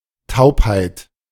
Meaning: 1. deafness (condition of being deaf) 2. numbness
- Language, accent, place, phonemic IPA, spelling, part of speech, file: German, Germany, Berlin, /ˈtaʊ̯phaɪ̯t/, Taubheit, noun, De-Taubheit.ogg